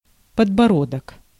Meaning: chin
- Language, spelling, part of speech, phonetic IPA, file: Russian, подбородок, noun, [pədbɐˈrodək], Ru-подбородок.ogg